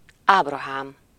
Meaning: 1. Abraham 2. a male given name from Hebrew, equivalent to English Abraham
- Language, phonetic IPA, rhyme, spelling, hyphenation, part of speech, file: Hungarian, [ˈaːbrɒɦaːm], -aːm, Ábrahám, Áb‧ra‧hám, proper noun, Hu-Ábrahám.ogg